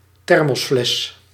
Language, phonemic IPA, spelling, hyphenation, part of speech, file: Dutch, /ˈtɛr.mɔsˌflɛs/, thermosfles, ther‧mos‧fles, noun, Nl-thermosfles.ogg
- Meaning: a thermos (vacuum flask)